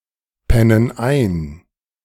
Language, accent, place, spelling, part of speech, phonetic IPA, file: German, Germany, Berlin, pennen ein, verb, [ˌpɛnən ˈaɪ̯n], De-pennen ein.ogg
- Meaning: inflection of einpennen: 1. first/third-person plural present 2. first/third-person plural subjunctive I